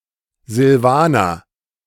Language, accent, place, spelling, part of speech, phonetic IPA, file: German, Germany, Berlin, Silvaner, proper noun, [zɪlˈvaːnɐ], De-Silvaner.ogg
- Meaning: 1. Silvaner (a variety of white wine grape, grown primarily in Germany and Alsace) 2. Silvaner (a white wine made from this grape)